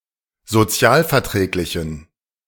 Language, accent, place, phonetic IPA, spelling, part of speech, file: German, Germany, Berlin, [zoˈt͡si̯aːlfɛɐ̯ˌtʁɛːklɪçn̩], sozialverträglichen, adjective, De-sozialverträglichen.ogg
- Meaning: inflection of sozialverträglich: 1. strong genitive masculine/neuter singular 2. weak/mixed genitive/dative all-gender singular 3. strong/weak/mixed accusative masculine singular